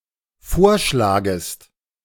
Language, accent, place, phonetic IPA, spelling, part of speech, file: German, Germany, Berlin, [ˈfoːɐ̯ˌʃlaːɡəst], vorschlagest, verb, De-vorschlagest.ogg
- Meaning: second-person singular dependent subjunctive I of vorschlagen